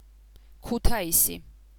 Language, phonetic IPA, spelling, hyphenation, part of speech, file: Georgian, [kʰutʰäisi], ქუთაისი, ქუ‧თა‧ი‧სი, proper noun, Kutaisi.ogg
- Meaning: Kutaisi (a city in Georgia)